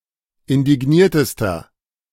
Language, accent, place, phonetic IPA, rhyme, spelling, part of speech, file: German, Germany, Berlin, [ɪndɪˈɡniːɐ̯təstɐ], -iːɐ̯təstɐ, indigniertester, adjective, De-indigniertester.ogg
- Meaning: inflection of indigniert: 1. strong/mixed nominative masculine singular superlative degree 2. strong genitive/dative feminine singular superlative degree 3. strong genitive plural superlative degree